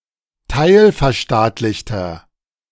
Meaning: inflection of teilverstaatlicht: 1. strong/mixed nominative masculine singular 2. strong genitive/dative feminine singular 3. strong genitive plural
- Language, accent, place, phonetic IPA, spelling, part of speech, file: German, Germany, Berlin, [ˈtaɪ̯lfɛɐ̯ˌʃtaːtlɪçtɐ], teilverstaatlichter, adjective, De-teilverstaatlichter.ogg